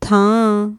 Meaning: 1. place, spot, location 2. space, room 3. home, dwelling 4. post, position, situation
- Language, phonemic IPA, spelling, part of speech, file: Punjabi, /t̪ʰä̃ː/, ਥਾਂ, noun, Pa-ਥਾਂ.ogg